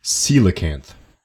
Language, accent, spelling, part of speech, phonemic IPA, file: English, US, coelacanth, noun, /ˈsiː.lə.kænθ/, En-us-coelacanth.ogg